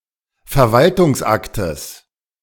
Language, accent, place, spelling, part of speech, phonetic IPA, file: German, Germany, Berlin, Verwaltungsaktes, noun, [fɛɐ̯ˈvaltʊŋsˌʔaktəs], De-Verwaltungsaktes.ogg
- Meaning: genitive singular of Verwaltungsakt